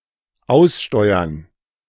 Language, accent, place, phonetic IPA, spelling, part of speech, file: German, Germany, Berlin, [ˈaʊ̯sˌʃtɔɪ̯ɐn], Aussteuern, noun, De-Aussteuern.ogg
- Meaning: plural of Aussteuer